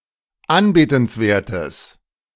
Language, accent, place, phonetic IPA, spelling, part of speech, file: German, Germany, Berlin, [ˈanbeːtn̩sˌveːɐ̯təs], anbetenswertes, adjective, De-anbetenswertes.ogg
- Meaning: strong/mixed nominative/accusative neuter singular of anbetenswert